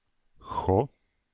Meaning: gosh, gee
- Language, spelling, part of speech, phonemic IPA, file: Dutch, goh, interjection, /ɣɔ/, Nl-goh.ogg